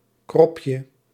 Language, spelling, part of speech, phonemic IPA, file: Dutch, kropje, noun, /ˈkrɔpjə/, Nl-kropje.ogg
- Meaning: diminutive of krop